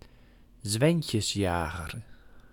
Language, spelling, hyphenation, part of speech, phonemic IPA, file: Dutch, zwijntjesjager, zwijn‧tjes‧ja‧ger, noun, /ˈzʋɛi̯n.tjəsˌjaː.ɣər/, Nl-zwijntjesjager.ogg
- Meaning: a bicycle thief